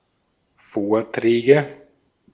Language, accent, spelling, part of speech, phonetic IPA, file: German, Austria, Vorträge, noun, [ˈfoːɐ̯tʁɛːɡə], De-at-Vorträge.ogg
- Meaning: nominative/accusative/genitive plural of Vortrag